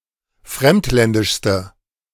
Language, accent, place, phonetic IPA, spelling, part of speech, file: German, Germany, Berlin, [ˈfʁɛmtˌlɛndɪʃstə], fremdländischste, adjective, De-fremdländischste.ogg
- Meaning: inflection of fremdländisch: 1. strong/mixed nominative/accusative feminine singular superlative degree 2. strong nominative/accusative plural superlative degree